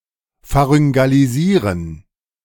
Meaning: to pharyngealize
- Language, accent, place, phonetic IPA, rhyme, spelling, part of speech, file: German, Germany, Berlin, [faʁʏŋɡaliˈziːʁən], -iːʁən, pharyngalisieren, verb, De-pharyngalisieren.ogg